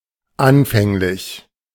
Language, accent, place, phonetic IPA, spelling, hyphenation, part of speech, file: German, Germany, Berlin, [ˈʔanfɛŋlɪç], anfänglich, an‧fäng‧lich, adjective / adverb, De-anfänglich.ogg
- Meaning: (adjective) initial; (adverb) at first, initially